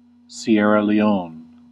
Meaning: A country in West Africa. Official name: Republic of Sierra Leone
- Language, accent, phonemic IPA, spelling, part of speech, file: English, US, /siˌɛɹə liˈoʊn/, Sierra Leone, proper noun, En-us-Sierra Leone.ogg